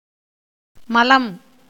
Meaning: 1. excrement, feces 2. dirt, filth 3. sin 4. dregs, sediment
- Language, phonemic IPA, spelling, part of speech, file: Tamil, /mɐlɐm/, மலம், noun, Ta-மலம்.ogg